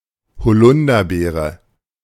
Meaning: elderberry (fruit)
- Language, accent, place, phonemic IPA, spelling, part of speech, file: German, Germany, Berlin, /hoˈlʊndɐˌbeːʁə/, Holunderbeere, noun, De-Holunderbeere.ogg